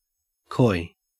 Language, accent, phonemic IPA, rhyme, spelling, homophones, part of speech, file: English, Australia, /kɔɪ/, -ɔɪ, coy, koi, adjective / verb / noun, En-au-coy.ogg
- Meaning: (adjective) 1. Bashful, shy, retiring 2. Quiet, reserved, modest 3. Reluctant to give details about something sensitive; notably prudish